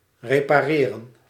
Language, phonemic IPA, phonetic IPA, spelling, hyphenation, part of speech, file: Dutch, /ˌreː.paːˈreː.rə(n)/, [ˌreː.pa(ː).ˈrɪː.rə(n)], repareren, re‧pa‧re‧ren, verb, Nl-repareren.ogg
- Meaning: to repair